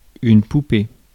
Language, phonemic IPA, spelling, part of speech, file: French, /pu.pe/, poupée, noun, Fr-poupée.ogg
- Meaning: 1. doll (object) 2. A girl or woman